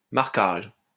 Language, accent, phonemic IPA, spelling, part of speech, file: French, France, /maʁ.kaʒ/, marquage, noun, LL-Q150 (fra)-marquage.wav
- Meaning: 1. marking (action of making a mark) 2. mark, marking (the sign marked) 3. marking (coloration of an animal) 4. marking (action of e.g. marking a page) 5. branding (e.g. of cattle)